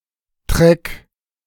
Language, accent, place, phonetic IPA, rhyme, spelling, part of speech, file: German, Germany, Berlin, [tʁɛk], -ɛk, Treck, noun, De-Treck.ogg
- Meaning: trek